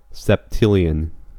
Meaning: 1. A trillion trillion: 1 followed by 24 zeros, 10²⁴ 2. A billion quintillion: 1 followed by 42 zeros, 10⁴²
- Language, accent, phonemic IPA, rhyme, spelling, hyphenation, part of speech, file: English, US, /sɛpˈtɪljən/, -ɪljən, septillion, sep‧til‧lion, numeral, En-us-septillion.ogg